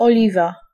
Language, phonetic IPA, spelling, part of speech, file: Polish, [ɔˈlʲiva], oliwa, noun, Pl-oliwa.ogg